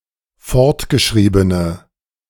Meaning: inflection of fortgeschrieben: 1. strong/mixed nominative/accusative feminine singular 2. strong nominative/accusative plural 3. weak nominative all-gender singular
- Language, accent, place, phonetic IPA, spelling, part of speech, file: German, Germany, Berlin, [ˈfɔʁtɡəˌʃʁiːbənə], fortgeschriebene, adjective, De-fortgeschriebene.ogg